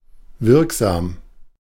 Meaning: 1. effective (well-suited for achieving the intended purpose) 2. effective (having come into effect)
- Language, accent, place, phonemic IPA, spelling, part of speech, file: German, Germany, Berlin, /ˈvɪʁkˌzaːm/, wirksam, adjective, De-wirksam.ogg